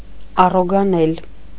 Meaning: 1. to pronounce 2. to pronounce carefully, with correct accentuation and diction
- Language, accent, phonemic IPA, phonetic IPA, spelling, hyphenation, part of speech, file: Armenian, Eastern Armenian, /ɑroɡɑˈnel/, [ɑroɡɑnél], առոգանել, ա‧ռո‧գա‧նել, verb, Hy-առոգանել.ogg